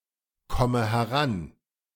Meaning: inflection of herankommen: 1. first-person singular present 2. first/third-person singular subjunctive I 3. singular imperative
- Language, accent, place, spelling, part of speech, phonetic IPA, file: German, Germany, Berlin, komme heran, verb, [ˌkɔmə hɛˈʁan], De-komme heran.ogg